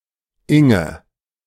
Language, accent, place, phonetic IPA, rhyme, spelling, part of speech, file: German, Germany, Berlin, [ˈɪŋə], -ɪŋə, Inge, proper noun, De-Inge.ogg